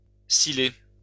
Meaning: to whistle (make a whistling noise)
- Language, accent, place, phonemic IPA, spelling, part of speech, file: French, France, Lyon, /si.le/, siler, verb, LL-Q150 (fra)-siler.wav